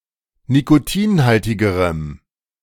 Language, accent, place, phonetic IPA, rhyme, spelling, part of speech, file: German, Germany, Berlin, [nikoˈtiːnˌhaltɪɡəʁəm], -iːnhaltɪɡəʁəm, nikotinhaltigerem, adjective, De-nikotinhaltigerem.ogg
- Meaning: strong dative masculine/neuter singular comparative degree of nikotinhaltig